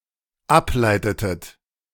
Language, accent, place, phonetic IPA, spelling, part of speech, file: German, Germany, Berlin, [ˈapˌlaɪ̯tətət], ableitetet, verb, De-ableitetet.ogg
- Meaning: inflection of ableiten: 1. second-person plural dependent preterite 2. second-person plural dependent subjunctive II